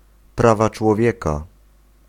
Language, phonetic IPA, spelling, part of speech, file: Polish, [ˈprava t͡ʃwɔˈvʲjɛka], prawa człowieka, noun, Pl-prawa człowieka.ogg